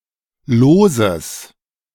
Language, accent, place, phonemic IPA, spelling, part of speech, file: German, Germany, Berlin, /ˈloːzəs/, loses, adjective, De-loses.ogg
- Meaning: strong/mixed nominative/accusative neuter singular of los